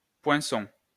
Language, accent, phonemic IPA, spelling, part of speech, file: French, France, /pwɛ̃.sɔ̃/, poinçon, noun, LL-Q150 (fra)-poinçon.wav
- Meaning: 1. stamp (device) 2. a pointed tool, such as a punch, chisel, bodkin or awl 3. hallmark (an official marking)